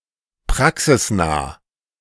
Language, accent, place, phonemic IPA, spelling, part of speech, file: German, Germany, Berlin, /ˈpʁaksɪsˌnaː/, praxisnah, adjective, De-praxisnah.ogg
- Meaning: practical (rather than theoretical)